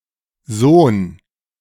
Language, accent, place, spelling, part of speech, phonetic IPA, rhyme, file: German, Germany, Berlin, son, determiner, [zoːn], -oːn, De-son.ogg
- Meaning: alternative form of so'n